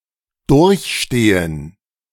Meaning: to endure
- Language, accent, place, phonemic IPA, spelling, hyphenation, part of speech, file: German, Germany, Berlin, /ˈdʊʁçˌʃteːən/, durchstehen, durch‧ste‧hen, verb, De-durchstehen.ogg